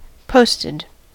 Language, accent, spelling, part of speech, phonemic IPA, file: English, US, posted, verb, /ˈpoʊstɪd/, En-us-posted.ogg
- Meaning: simple past and past participle of post